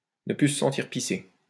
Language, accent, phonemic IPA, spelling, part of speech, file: French, France, /nə ply sə sɑ̃.tiʁ pi.se/, ne plus se sentir pisser, verb, LL-Q150 (fra)-ne plus se sentir pisser.wav
- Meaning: to feel exhilarated; to be beside oneself with pride, to feel very proud (to the point of arrogance and haughtiness)